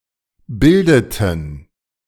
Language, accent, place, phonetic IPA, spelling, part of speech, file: German, Germany, Berlin, [ˈbɪldətn̩], bildeten, verb, De-bildeten.ogg
- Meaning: inflection of bilden: 1. first/third-person plural preterite 2. first/third-person plural subjunctive II